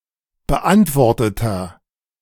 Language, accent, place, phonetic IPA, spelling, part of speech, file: German, Germany, Berlin, [bəˈʔantvɔʁtətɐ], beantworteter, adjective, De-beantworteter.ogg
- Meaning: inflection of beantwortet: 1. strong/mixed nominative masculine singular 2. strong genitive/dative feminine singular 3. strong genitive plural